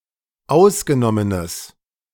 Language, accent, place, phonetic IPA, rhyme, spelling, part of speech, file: German, Germany, Berlin, [ˈaʊ̯sɡəˌnɔmənəs], -aʊ̯sɡənɔmənəs, ausgenommenes, adjective, De-ausgenommenes.ogg
- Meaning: strong/mixed nominative/accusative neuter singular of ausgenommen